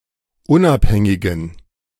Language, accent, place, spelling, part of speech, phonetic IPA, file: German, Germany, Berlin, unabhängigen, adjective, [ˈʊnʔapˌhɛŋɪɡn̩], De-unabhängigen.ogg
- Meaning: inflection of unabhängig: 1. strong genitive masculine/neuter singular 2. weak/mixed genitive/dative all-gender singular 3. strong/weak/mixed accusative masculine singular 4. strong dative plural